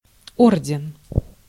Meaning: 1. decoration, order (pl: ордена́ (ordená)) 2. order (pl: о́рдены (órdeny))
- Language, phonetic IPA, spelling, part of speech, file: Russian, [ˈordʲɪn], орден, noun, Ru-орден.ogg